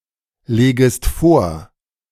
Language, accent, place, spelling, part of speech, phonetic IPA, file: German, Germany, Berlin, legest vor, verb, [ˌleːɡəst ˈfoːɐ̯], De-legest vor.ogg
- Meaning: second-person singular subjunctive I of vorlegen